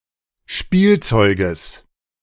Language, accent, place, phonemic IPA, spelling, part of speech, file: German, Germany, Berlin, /ˈʃpiːlˌtsɔʏɡəs/, Spielzeuges, noun, De-Spielzeuges.ogg
- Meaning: genitive singular of Spielzeug